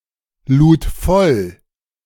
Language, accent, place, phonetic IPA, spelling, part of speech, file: German, Germany, Berlin, [ˌluːt ˈfɔl], lud voll, verb, De-lud voll.ogg
- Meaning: first/third-person singular preterite of vollladen